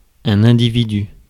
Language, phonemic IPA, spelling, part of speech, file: French, /ɛ̃.di.vi.dy/, individu, noun, Fr-individu.ogg
- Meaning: individual